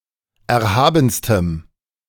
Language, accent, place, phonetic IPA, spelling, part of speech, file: German, Germany, Berlin, [ˌɛɐ̯ˈhaːbn̩stəm], erhabenstem, adjective, De-erhabenstem.ogg
- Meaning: strong dative masculine/neuter singular superlative degree of erhaben